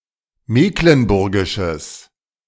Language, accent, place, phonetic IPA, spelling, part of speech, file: German, Germany, Berlin, [ˈmeːklənˌbʊʁɡɪʃəs], mecklenburgisches, adjective, De-mecklenburgisches.ogg
- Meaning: strong/mixed nominative/accusative neuter singular of mecklenburgisch